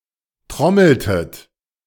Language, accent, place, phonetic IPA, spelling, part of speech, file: German, Germany, Berlin, [ˈtʁɔml̩tət], trommeltet, verb, De-trommeltet.ogg
- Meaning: inflection of trommeln: 1. second-person plural preterite 2. second-person plural subjunctive II